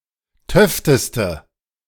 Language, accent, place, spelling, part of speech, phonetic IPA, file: German, Germany, Berlin, töfteste, adjective, [ˈtœftəstə], De-töfteste.ogg
- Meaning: inflection of töfte: 1. strong/mixed nominative/accusative feminine singular superlative degree 2. strong nominative/accusative plural superlative degree